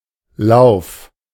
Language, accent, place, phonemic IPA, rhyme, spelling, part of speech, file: German, Germany, Berlin, /laʊ̯f/, -aʊ̯f, Lauf, noun / proper noun, De-Lauf.ogg
- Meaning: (noun) 1. run, race 2. leg of certain animals 3. barrel 4. course (onward movement) 5. course, way